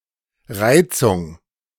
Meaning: 1. irritation 2. provocation 3. excitation, stimulation
- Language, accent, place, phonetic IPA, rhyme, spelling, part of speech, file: German, Germany, Berlin, [ˈʁaɪ̯t͡sʊŋ], -aɪ̯t͡sʊŋ, Reizung, noun, De-Reizung.ogg